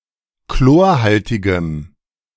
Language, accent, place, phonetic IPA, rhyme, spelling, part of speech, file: German, Germany, Berlin, [ˈkloːɐ̯ˌhaltɪɡəm], -oːɐ̯haltɪɡəm, chlorhaltigem, adjective, De-chlorhaltigem.ogg
- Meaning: strong dative masculine/neuter singular of chlorhaltig